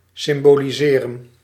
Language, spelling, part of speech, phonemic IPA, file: Dutch, symboliseren, verb, /ˌsɪmboliˈzerə(n)/, Nl-symboliseren.ogg
- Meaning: to symbolize (US); symbolise (UK)